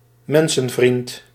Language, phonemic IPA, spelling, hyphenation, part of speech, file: Dutch, /ˈmɛn.sə(n)ˌvrint/, mensenvriend, men‧sen‧vriend, noun, Nl-mensenvriend.ogg
- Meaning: a philanthropist, a philanthrope